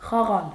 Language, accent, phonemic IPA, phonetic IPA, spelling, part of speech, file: Armenian, Eastern Armenian, /χɑˈʁɑl/, [χɑʁɑ́l], խաղալ, verb, Hy-խաղալ.ogg
- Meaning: to play